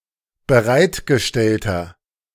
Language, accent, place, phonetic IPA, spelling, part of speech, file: German, Germany, Berlin, [bəˈʁaɪ̯tɡəˌʃtɛltɐ], bereitgestellter, adjective, De-bereitgestellter.ogg
- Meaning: inflection of bereitgestellt: 1. strong/mixed nominative masculine singular 2. strong genitive/dative feminine singular 3. strong genitive plural